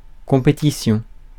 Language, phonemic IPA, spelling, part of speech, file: French, /kɔ̃.pe.ti.sjɔ̃/, compétition, noun, Fr-compétition.ogg
- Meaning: competition